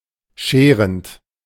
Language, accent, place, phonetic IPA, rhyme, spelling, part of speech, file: German, Germany, Berlin, [ˈʃeːʁənt], -eːʁənt, scherend, verb, De-scherend.ogg
- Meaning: present participle of scheren